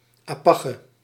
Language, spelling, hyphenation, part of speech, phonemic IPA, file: Dutch, apache, apa‧che, noun, /ˌaːˈpɑ.tʃə/, Nl-apache.ogg
- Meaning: member of the (Parisian) underworld